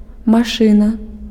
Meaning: 1. machine 2. car, automobile
- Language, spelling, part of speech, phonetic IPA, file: Belarusian, машына, noun, [maˈʂɨna], Be-машына.ogg